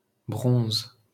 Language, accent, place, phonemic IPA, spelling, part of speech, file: French, France, Paris, /bʁɔ̃z/, bronze, noun / verb, LL-Q150 (fra)-bronze.wav
- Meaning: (noun) bronze (metal, work of art); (verb) inflection of bronzer: 1. first/third-person singular present indicative/subjunctive 2. second-person singular imperative